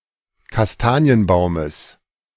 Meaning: genitive of Kastanienbaum
- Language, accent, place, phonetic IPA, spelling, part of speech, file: German, Germany, Berlin, [kasˈtaːni̯ənˌbaʊ̯məs], Kastanienbaumes, noun, De-Kastanienbaumes.ogg